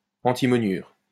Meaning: antimonide
- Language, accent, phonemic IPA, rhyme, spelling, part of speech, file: French, France, /ɑ̃.ti.mɔ.njyʁ/, -yʁ, antimoniure, noun, LL-Q150 (fra)-antimoniure.wav